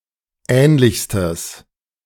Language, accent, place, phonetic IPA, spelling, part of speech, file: German, Germany, Berlin, [ˈɛːnlɪçstəs], ähnlichstes, adjective, De-ähnlichstes.ogg
- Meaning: strong/mixed nominative/accusative neuter singular superlative degree of ähnlich